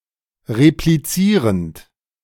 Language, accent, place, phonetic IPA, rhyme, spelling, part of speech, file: German, Germany, Berlin, [ʁepliˈt͡siːʁənt], -iːʁənt, replizierend, verb, De-replizierend.ogg
- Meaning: present participle of replizieren